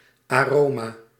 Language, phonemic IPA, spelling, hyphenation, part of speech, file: Dutch, /ˌaːˈroː.maː/, aroma, aro‧ma, noun, Nl-aroma.ogg
- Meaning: 1. aroma 2. food flavouring